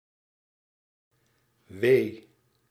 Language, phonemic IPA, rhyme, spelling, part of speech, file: Dutch, /ʋeː/, -eː, wee, adjective / noun, Nl-wee.ogg
- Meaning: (adjective) nauseating; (noun) 1. contraction during labour or childbirth 2. sorrow, sadness, pain, woe (used in interjections of despair or annoyance)